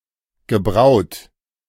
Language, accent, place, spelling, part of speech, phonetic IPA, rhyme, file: German, Germany, Berlin, gebraut, verb, [ɡəˈbʁaʊ̯t], -aʊ̯t, De-gebraut.ogg
- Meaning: past participle of brauen